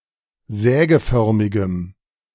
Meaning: strong dative masculine/neuter singular of sägeförmig
- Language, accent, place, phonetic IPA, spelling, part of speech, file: German, Germany, Berlin, [ˈzɛːɡəˌfœʁmɪɡəm], sägeförmigem, adjective, De-sägeförmigem.ogg